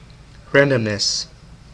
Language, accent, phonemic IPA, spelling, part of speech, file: English, US, /ˈɹæn.dəm.nəs/, randomness, noun, En-us-randomness.ogg
- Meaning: 1. The property of all possible outcomes being equally likely 2. A type of circumstance or event that is described by a probability distribution